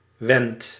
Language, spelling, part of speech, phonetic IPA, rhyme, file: Dutch, wend, verb, [ʋɛnt], -ɛnt, Nl-wend.ogg
- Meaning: inflection of wenden: 1. first-person singular present indicative 2. second-person singular present indicative 3. imperative